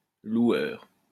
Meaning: 1. praiser (someone who praises) 2. hirer, renter, lessor (someone who rents, hires or leases things for a living)
- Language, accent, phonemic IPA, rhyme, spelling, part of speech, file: French, France, /lwœʁ/, -œʁ, loueur, noun, LL-Q150 (fra)-loueur.wav